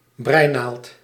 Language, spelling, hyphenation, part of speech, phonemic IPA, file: Dutch, breinaald, brei‧naald, noun, /ˈbrɛi̯.naːlt/, Nl-breinaald.ogg
- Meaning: knitting needle